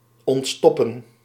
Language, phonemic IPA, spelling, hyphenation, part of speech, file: Dutch, /ˌɔntˈstɔ.pə(n)/, ontstoppen, ont‧stop‧pen, verb, Nl-ontstoppen.ogg
- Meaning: to unstop, to unclog